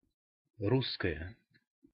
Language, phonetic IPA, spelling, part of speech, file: Russian, [ˈruskəjə], русская, adjective / noun, Ru-русская.ogg
- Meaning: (adjective) nominative feminine singular of ру́сский (rússkij); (noun) female equivalent of ру́сский (rússkij): female Russian; especially one who is ethnically Russian